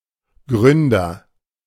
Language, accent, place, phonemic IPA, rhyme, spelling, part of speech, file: German, Germany, Berlin, /ˈɡʁʏndɐ/, -ʏndɐ, Gründer, noun, De-Gründer.ogg
- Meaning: founder